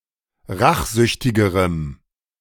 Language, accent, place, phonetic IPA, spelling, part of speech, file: German, Germany, Berlin, [ˈʁaxˌzʏçtɪɡəʁəm], rachsüchtigerem, adjective, De-rachsüchtigerem.ogg
- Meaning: strong dative masculine/neuter singular comparative degree of rachsüchtig